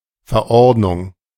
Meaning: regulation, ordinance, statutory instrument
- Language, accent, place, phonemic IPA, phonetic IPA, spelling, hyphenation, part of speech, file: German, Germany, Berlin, /fɛʁˈɔʁtnʊŋ/, [fɛɐ̯ˈɔʁtnʊŋ], Verordnung, Ver‧ord‧nung, noun, De-Verordnung.ogg